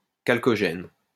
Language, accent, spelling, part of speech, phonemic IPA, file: French, France, chalcogène, noun, /kal.kɔ.ʒɛn/, LL-Q150 (fra)-chalcogène.wav
- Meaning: chalcogen